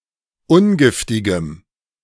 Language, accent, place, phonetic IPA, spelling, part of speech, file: German, Germany, Berlin, [ˈʊnˌɡɪftɪɡəm], ungiftigem, adjective, De-ungiftigem.ogg
- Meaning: strong dative masculine/neuter singular of ungiftig